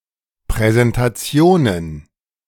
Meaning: plural of Präsentation
- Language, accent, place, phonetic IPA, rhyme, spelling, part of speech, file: German, Germany, Berlin, [pʁɛzɛntaˈt͡si̯oːnən], -oːnən, Präsentationen, noun, De-Präsentationen.ogg